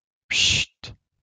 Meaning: hiss
- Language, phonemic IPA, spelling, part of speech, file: French, /pʃit/, pschitt, interjection, LL-Q150 (fra)-pschitt.wav